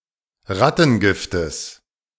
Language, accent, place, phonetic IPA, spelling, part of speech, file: German, Germany, Berlin, [ˈʁatn̩ˌɡɪftəs], Rattengiftes, noun, De-Rattengiftes.ogg
- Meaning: genitive singular of Rattengift